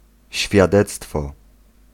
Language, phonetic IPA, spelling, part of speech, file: Polish, [ɕfʲjaˈdɛt͡stfɔ], świadectwo, noun, Pl-świadectwo.ogg